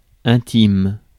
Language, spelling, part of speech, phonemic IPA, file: French, intime, adjective / noun, /ɛ̃.tim/, Fr-intime.ogg
- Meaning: 1. intimate 2. inner